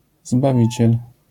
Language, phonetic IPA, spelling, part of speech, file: Polish, [zbaˈvʲit͡ɕɛl], zbawiciel, noun, LL-Q809 (pol)-zbawiciel.wav